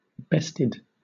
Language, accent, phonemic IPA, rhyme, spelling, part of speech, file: English, Southern England, /ˈbɛstɪd/, -ɛstɪd, bested, verb, LL-Q1860 (eng)-bested.wav
- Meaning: simple past and past participle of best